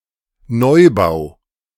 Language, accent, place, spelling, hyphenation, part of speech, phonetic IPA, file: German, Germany, Berlin, Neubau, Neu‧bau, noun, [ˈnɔɪ̯baʊ̯], De-Neubau.ogg
- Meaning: new building